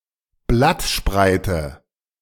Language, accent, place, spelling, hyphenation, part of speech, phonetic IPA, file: German, Germany, Berlin, Blattspreite, Blatt‧sprei‧te, noun, [ˈblatˌʃpʁaɪ̯tə], De-Blattspreite.ogg
- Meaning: leaf blade, lamina